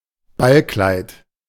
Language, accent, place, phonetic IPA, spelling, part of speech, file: German, Germany, Berlin, [ˈbalˌklaɪ̯t], Ballkleid, noun, De-Ballkleid.ogg
- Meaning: ball dress, ballgown